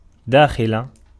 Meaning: inside
- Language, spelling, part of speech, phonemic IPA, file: Arabic, داخل, preposition, /daː.xi.la/, Ar-داخل.ogg